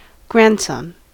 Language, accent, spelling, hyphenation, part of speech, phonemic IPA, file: English, US, grandson, grand‧son, noun, /ˈɡɹæn(d)sʌn/, En-us-grandson.ogg
- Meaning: A son of one's child